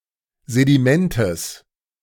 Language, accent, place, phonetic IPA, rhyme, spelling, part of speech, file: German, Germany, Berlin, [zediˈmɛntəs], -ɛntəs, Sedimentes, noun, De-Sedimentes.ogg
- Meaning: genitive singular of Sediment